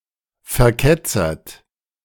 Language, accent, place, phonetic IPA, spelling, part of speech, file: German, Germany, Berlin, [fɛɐ̯ˈkɛt͡sɐt], verketzert, verb, De-verketzert.ogg
- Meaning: past participle of verketzern